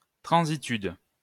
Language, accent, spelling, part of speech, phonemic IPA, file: French, France, transitude, noun, /tʁɑ̃.zi.tyd/, LL-Q150 (fra)-transitude.wav
- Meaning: transness